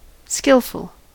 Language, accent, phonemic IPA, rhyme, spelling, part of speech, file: English, US, /ˈskɪlfəl/, -ɪlfəl, skilful, adjective, En-us-skilful.ogg
- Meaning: Commonwealth and Irish form standard spelling of skillful